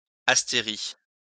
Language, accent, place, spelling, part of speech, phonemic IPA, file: French, France, Lyon, astérie, noun, /as.te.ʁi/, LL-Q150 (fra)-astérie.wav
- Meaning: starfish